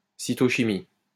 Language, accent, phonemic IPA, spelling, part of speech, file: French, France, /si.tɔ.ʃi.mi/, cytochimie, noun, LL-Q150 (fra)-cytochimie.wav
- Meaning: cytochemistry